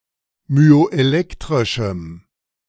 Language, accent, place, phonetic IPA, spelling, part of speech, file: German, Germany, Berlin, [myoʔeˈlɛktʁɪʃm̩], myoelektrischem, adjective, De-myoelektrischem.ogg
- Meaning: strong dative masculine/neuter singular of myoelektrisch